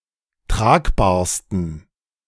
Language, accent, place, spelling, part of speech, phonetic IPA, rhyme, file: German, Germany, Berlin, tragbarsten, adjective, [ˈtʁaːkbaːɐ̯stn̩], -aːkbaːɐ̯stn̩, De-tragbarsten.ogg
- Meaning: 1. superlative degree of tragbar 2. inflection of tragbar: strong genitive masculine/neuter singular superlative degree